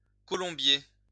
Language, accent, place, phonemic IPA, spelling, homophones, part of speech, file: French, France, Lyon, /kɔ.lɔ̃.bje/, colombier, Colombier / colombiers, noun, LL-Q150 (fra)-colombier.wav
- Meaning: dovecote, columbarium